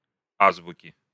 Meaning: inflection of а́збука (ázbuka): 1. genitive singular 2. nominative/accusative plural
- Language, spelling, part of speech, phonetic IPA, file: Russian, азбуки, noun, [ˈazbʊkʲɪ], Ru-азбуки.ogg